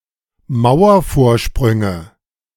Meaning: nominative/accusative/genitive plural of Mauervorsprung
- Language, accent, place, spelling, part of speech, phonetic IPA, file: German, Germany, Berlin, Mauervorsprünge, noun, [ˈmaʊ̯ɐfoːɐ̯ˌʃpʁʏŋə], De-Mauervorsprünge.ogg